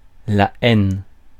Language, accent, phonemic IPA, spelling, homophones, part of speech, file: French, France, /ɛn/, haine, aine, noun, Fr-haine.ogg
- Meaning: hatred; hate